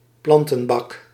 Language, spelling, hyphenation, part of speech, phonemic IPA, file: Dutch, plantenbak, plan‧ten‧bak, noun, /ˈplɑn.tə(n)ˌbɑk/, Nl-plantenbak.ogg
- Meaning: a planter, a plant trough (box for containing plants)